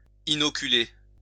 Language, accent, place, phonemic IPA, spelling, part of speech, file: French, France, Lyon, /i.nɔ.ky.le/, inoculer, verb, LL-Q150 (fra)-inoculer.wav
- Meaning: to inoculate